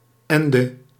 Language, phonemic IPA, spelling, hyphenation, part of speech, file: Dutch, /ˈɛn.də/, ende, en‧de, conjunction, Nl-ende.ogg
- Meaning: obsolete form of en